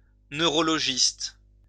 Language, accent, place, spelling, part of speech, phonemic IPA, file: French, France, Lyon, neurologiste, noun, /nø.ʁɔ.lɔ.ʒist/, LL-Q150 (fra)-neurologiste.wav
- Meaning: neurologist